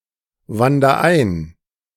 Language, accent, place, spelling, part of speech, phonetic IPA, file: German, Germany, Berlin, wander ein, verb, [ˌvandɐ ˈaɪ̯n], De-wander ein.ogg
- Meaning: inflection of einwandern: 1. first-person singular present 2. singular imperative